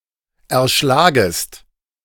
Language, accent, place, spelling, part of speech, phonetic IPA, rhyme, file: German, Germany, Berlin, erschlagest, verb, [ɛɐ̯ˈʃlaːɡəst], -aːɡəst, De-erschlagest.ogg
- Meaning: second-person singular subjunctive I of erschlagen